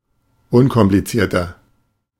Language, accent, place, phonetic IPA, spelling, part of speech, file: German, Germany, Berlin, [ˈʊnkɔmplit͡siːɐ̯tɐ], unkomplizierter, adjective, De-unkomplizierter.ogg
- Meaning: 1. comparative degree of unkompliziert 2. inflection of unkompliziert: strong/mixed nominative masculine singular 3. inflection of unkompliziert: strong genitive/dative feminine singular